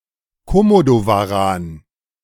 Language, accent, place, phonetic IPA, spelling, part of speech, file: German, Germany, Berlin, [koˈmodovaˌʁaːn], Komodowaran, noun, De-Komodowaran.ogg
- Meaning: Komodo dragon